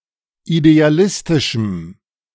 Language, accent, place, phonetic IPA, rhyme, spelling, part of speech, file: German, Germany, Berlin, [ideaˈlɪstɪʃm̩], -ɪstɪʃm̩, idealistischem, adjective, De-idealistischem.ogg
- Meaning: strong dative masculine/neuter singular of idealistisch